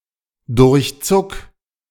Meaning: 1. singular imperative of durchzucken 2. first-person singular present of durchzucken
- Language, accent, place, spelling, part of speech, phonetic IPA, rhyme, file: German, Germany, Berlin, durchzuck, verb, [dʊʁçˈt͡sʊk], -ʊk, De-durchzuck.ogg